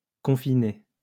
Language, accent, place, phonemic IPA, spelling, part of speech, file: French, France, Lyon, /kɔ̃.fi.ne/, confiné, adjective, LL-Q150 (fra)-confiné.wav
- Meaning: stale